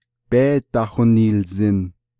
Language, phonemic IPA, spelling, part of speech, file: Navajo, /péːtɑ̀hònìːlzɪ̀n/, béédahoniilzin, verb, Nv-béédahoniilzin.ogg
- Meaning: first-person plural imperfective of yééhósin